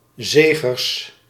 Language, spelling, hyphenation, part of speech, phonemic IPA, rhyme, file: Dutch, Zegers, Ze‧gers, proper noun, /ˈzeː.ɣərs/, -eːɣərs, Nl-Zegers.ogg
- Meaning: a surname